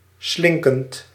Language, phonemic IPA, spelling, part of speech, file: Dutch, /ˈslɪŋkənt/, slinkend, verb, Nl-slinkend.ogg
- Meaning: present participle of slinken